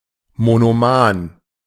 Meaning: monomaniac
- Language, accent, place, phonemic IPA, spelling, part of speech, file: German, Germany, Berlin, /monoˈmaːn/, monoman, adjective, De-monoman.ogg